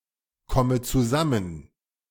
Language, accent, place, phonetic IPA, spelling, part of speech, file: German, Germany, Berlin, [ˌkɔmə t͡suˈzamən], komme zusammen, verb, De-komme zusammen.ogg
- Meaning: inflection of zusammenkommen: 1. first-person singular present 2. first/third-person singular subjunctive I 3. singular imperative